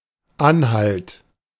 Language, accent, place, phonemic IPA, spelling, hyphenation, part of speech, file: German, Germany, Berlin, /ˈanˌhalt/, Anhalt, An‧halt, noun / proper noun, De-Anhalt.ogg
- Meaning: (noun) indication; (proper noun) a former polity now part of Saxony-Anhalt, Germany, including